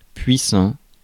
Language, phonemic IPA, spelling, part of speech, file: French, /pɥi.sɑ̃/, puissant, adjective, Fr-puissant.ogg
- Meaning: powerful; mighty